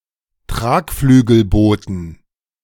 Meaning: plural of Tragflügelboot
- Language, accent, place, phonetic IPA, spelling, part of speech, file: German, Germany, Berlin, [ˈtʁaːkflyːɡl̩ˌboːtn̩], Tragflügelbooten, noun, De-Tragflügelbooten.ogg